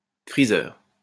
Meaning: freezer compartment
- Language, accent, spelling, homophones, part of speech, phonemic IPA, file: French, France, freezer, friseur, noun, /fʁi.zœʁ/, LL-Q150 (fra)-freezer.wav